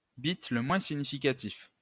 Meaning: least significant bit (bit of the smallest order)
- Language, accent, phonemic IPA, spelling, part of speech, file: French, France, /bit lə mwɛ̃ si.ɲi.fi.ka.tif/, bit le moins significatif, noun, LL-Q150 (fra)-bit le moins significatif.wav